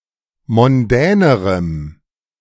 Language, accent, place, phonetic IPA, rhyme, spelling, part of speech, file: German, Germany, Berlin, [mɔnˈdɛːnəʁəm], -ɛːnəʁəm, mondänerem, adjective, De-mondänerem.ogg
- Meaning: strong dative masculine/neuter singular comparative degree of mondän